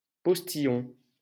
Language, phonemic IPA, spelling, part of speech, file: French, /pɔs.ti.jɔ̃/, postillon, noun, LL-Q150 (fra)-postillon.wav
- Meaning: 1. postman (courier who rides post) 2. postilion 3. a French-style hat worn by the postal workers 4. (drop of) spit, spittle, saliva (sprayed when speaking)